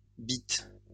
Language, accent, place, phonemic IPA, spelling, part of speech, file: French, France, Lyon, /bit/, bits, noun, LL-Q150 (fra)-bits.wav
- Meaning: plural of bit